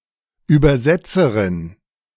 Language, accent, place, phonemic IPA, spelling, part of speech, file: German, Germany, Berlin, /ˌyːbɐˈzɛtsɐʁɪn/, Übersetzerin, noun, De-Übersetzerin.ogg
- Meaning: female equivalent of Übersetzer (“translator”)